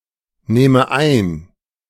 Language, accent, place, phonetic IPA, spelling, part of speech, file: German, Germany, Berlin, [ˌnɛːmə ˈaɪ̯n], nähme ein, verb, De-nähme ein.ogg
- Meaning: first/third-person singular subjunctive II of einnehmen